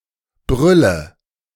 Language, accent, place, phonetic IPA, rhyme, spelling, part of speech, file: German, Germany, Berlin, [ˈbʁʏlə], -ʏlə, brülle, verb, De-brülle.ogg
- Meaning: inflection of brüllen: 1. first-person singular present 2. singular imperative 3. first/third-person singular subjunctive I